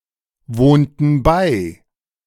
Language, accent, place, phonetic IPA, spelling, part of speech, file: German, Germany, Berlin, [ˌvoːntn̩ ˈbaɪ̯], wohnten bei, verb, De-wohnten bei.ogg
- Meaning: inflection of beiwohnen: 1. first/third-person plural preterite 2. first/third-person plural subjunctive II